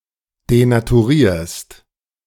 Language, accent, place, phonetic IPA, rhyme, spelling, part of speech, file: German, Germany, Berlin, [denatuˈʁiːɐ̯st], -iːɐ̯st, denaturierst, verb, De-denaturierst.ogg
- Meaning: second-person singular present of denaturieren